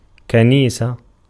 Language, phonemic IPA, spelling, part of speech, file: Arabic, /ka.niː.sa/, كنيسة, noun, Ar-كنيسة.ogg
- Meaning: 1. church (building and organization) 2. synagogue (building and organization) 3. a kind of palanquin or litter in which the rider conceals himself